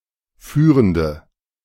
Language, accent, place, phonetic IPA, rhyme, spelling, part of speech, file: German, Germany, Berlin, [ˈfyːʁəndə], -yːʁəndə, führende, adjective, De-führende.ogg
- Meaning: inflection of führend: 1. strong/mixed nominative/accusative feminine singular 2. strong nominative/accusative plural 3. weak nominative all-gender singular 4. weak accusative feminine/neuter singular